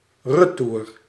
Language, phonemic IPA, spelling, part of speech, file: Dutch, /rəˈtur/, retour, adverb / noun, Nl-retour.ogg
- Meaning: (adverb) back whence one came; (noun) 1. return 2. return ticket for a train